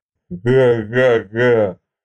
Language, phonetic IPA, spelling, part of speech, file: Russian, [ɡa ɡa ˈɡa], га-га-га, interjection, Ru-га-га-га.ogg
- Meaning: honk (sound a goose makes)